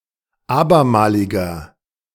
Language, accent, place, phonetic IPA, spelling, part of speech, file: German, Germany, Berlin, [ˈaːbɐˌmaːlɪɡəs], abermaliges, adjective, De-abermaliges.ogg
- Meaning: strong/mixed nominative/accusative neuter singular of abermalig